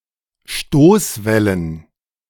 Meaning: plural of Stoßwelle
- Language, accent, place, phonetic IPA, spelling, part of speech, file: German, Germany, Berlin, [ˈʃtoːsˌvɛlən], Stoßwellen, noun, De-Stoßwellen.ogg